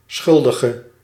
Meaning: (noun) a guilty person, an offender, a perpetrator; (adjective) inflection of schuldig: 1. masculine/feminine singular attributive 2. definite neuter singular attributive 3. plural attributive
- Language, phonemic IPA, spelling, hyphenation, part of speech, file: Dutch, /ˈsxʏl.də.ɣə/, schuldige, schul‧di‧ge, noun / adjective, Nl-schuldige.ogg